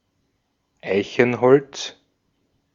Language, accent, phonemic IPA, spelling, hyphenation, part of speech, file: German, Austria, /ˈaɪ̯çn̩ˌhɔlt͡s/, Eichenholz, Ei‧chen‧holz, noun, De-at-Eichenholz.ogg
- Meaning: oak, oak wood (The wood and timber of the oak.)